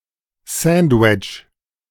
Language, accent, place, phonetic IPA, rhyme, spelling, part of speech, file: German, Germany, Berlin, [ˈzantət], -antət, sandtet, verb, De-sandtet.ogg
- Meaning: inflection of senden: 1. second-person plural preterite 2. second-person plural subjunctive II